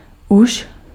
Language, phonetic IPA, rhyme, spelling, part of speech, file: Czech, [ˈuʃ], -uʃ, už, adverb / verb, Cs-už.ogg
- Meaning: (adverb) 1. again, already 2. yet 3. anymore, any more (any longer); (verb) second-person singular imperative of úžit